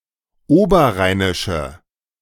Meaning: inflection of oberrheinisch: 1. strong/mixed nominative/accusative feminine singular 2. strong nominative/accusative plural 3. weak nominative all-gender singular
- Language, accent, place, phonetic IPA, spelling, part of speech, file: German, Germany, Berlin, [ˈoːbɐˌʁaɪ̯nɪʃə], oberrheinische, adjective, De-oberrheinische.ogg